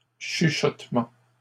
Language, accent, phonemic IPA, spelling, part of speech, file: French, Canada, /ʃy.ʃɔt.mɑ̃/, chuchotements, noun, LL-Q150 (fra)-chuchotements.wav
- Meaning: plural of chuchotement